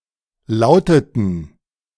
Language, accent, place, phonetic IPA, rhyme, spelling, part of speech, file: German, Germany, Berlin, [ˈlaʊ̯tətn̩], -aʊ̯tətn̩, lauteten, verb, De-lauteten.ogg
- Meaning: inflection of lauten: 1. first/third-person plural preterite 2. first/third-person plural subjunctive II